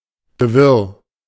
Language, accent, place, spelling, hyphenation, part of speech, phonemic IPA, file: German, Germany, Berlin, Gewirr, Ge‧wirr, noun, /ɡəˈvɪʁ/, De-Gewirr.ogg
- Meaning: 1. tangle, snarl 2. confusion, jumble